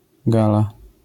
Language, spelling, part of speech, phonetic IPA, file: Polish, gala, noun, [ˈɡala], LL-Q809 (pol)-gala.wav